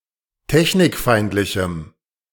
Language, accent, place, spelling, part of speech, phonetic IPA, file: German, Germany, Berlin, technikfeindlichem, adjective, [ˈtɛçnɪkˌfaɪ̯ntlɪçm̩], De-technikfeindlichem.ogg
- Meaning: strong dative masculine/neuter singular of technikfeindlich